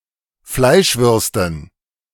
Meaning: dative plural of Fleischwurst
- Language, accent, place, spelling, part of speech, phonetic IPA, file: German, Germany, Berlin, Fleischwürsten, noun, [ˈflaɪ̯ʃˌvʏʁstn̩], De-Fleischwürsten.ogg